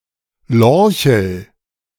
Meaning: lorchel (Helvella)
- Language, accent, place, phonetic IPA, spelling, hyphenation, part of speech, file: German, Germany, Berlin, [ˈlɔɐ̯çl̩], Lorchel, Lor‧chel, noun, De-Lorchel.ogg